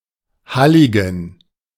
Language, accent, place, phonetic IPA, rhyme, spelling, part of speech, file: German, Germany, Berlin, [ˈhalɪɡn̩], -alɪɡn̩, Halligen, noun, De-Halligen.ogg
- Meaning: plural of Hallig